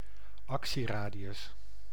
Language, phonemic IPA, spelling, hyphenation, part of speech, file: Dutch, /ˈɑk.siˌraː.di.ʏs/, actieradius, ac‧tie‧ra‧di‧us, noun, Nl-actieradius.ogg
- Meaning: radius of action (radius or range in which something operate, or where a vehicle, vessel or aircraft can reach)